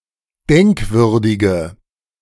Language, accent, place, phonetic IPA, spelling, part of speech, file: German, Germany, Berlin, [ˈdɛŋkˌvʏʁdɪɡə], denkwürdige, adjective, De-denkwürdige.ogg
- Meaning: inflection of denkwürdig: 1. strong/mixed nominative/accusative feminine singular 2. strong nominative/accusative plural 3. weak nominative all-gender singular